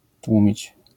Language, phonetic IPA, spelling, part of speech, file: Polish, [ˈtwũmʲit͡ɕ], tłumić, verb, LL-Q809 (pol)-tłumić.wav